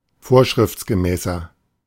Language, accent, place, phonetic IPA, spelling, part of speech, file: German, Germany, Berlin, [ˈfoːɐ̯ʃʁɪft͡sɡəˌmɛːsɐ], vorschriftsgemäßer, adjective, De-vorschriftsgemäßer.ogg
- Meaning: 1. comparative degree of vorschriftsgemäß 2. inflection of vorschriftsgemäß: strong/mixed nominative masculine singular 3. inflection of vorschriftsgemäß: strong genitive/dative feminine singular